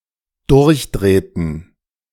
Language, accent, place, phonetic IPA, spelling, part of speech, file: German, Germany, Berlin, [ˈdʊʁçˌdʁeːtn̩], durchdrehten, verb, De-durchdrehten.ogg
- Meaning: inflection of durchdrehen: 1. first/third-person plural dependent preterite 2. first/third-person plural dependent subjunctive II